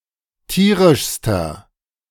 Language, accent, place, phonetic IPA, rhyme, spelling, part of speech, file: German, Germany, Berlin, [ˈtiːʁɪʃstɐ], -iːʁɪʃstɐ, tierischster, adjective, De-tierischster.ogg
- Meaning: inflection of tierisch: 1. strong/mixed nominative masculine singular superlative degree 2. strong genitive/dative feminine singular superlative degree 3. strong genitive plural superlative degree